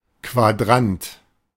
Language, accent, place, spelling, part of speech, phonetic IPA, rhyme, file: German, Germany, Berlin, Quadrant, noun, [kvaˈdʁant], -ant, De-Quadrant.ogg
- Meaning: 1. quadrant (region of the Cartesian plane) 2. quadrant (measuring device)